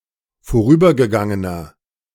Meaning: inflection of vorübergegangen: 1. strong/mixed nominative masculine singular 2. strong genitive/dative feminine singular 3. strong genitive plural
- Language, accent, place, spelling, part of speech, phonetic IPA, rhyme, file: German, Germany, Berlin, vorübergegangener, adjective, [foˈʁyːbɐɡəˌɡaŋənɐ], -yːbɐɡəɡaŋənɐ, De-vorübergegangener.ogg